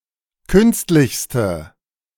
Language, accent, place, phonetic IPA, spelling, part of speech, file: German, Germany, Berlin, [ˈkʏnstlɪçstə], künstlichste, adjective, De-künstlichste.ogg
- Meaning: inflection of künstlich: 1. strong/mixed nominative/accusative feminine singular superlative degree 2. strong nominative/accusative plural superlative degree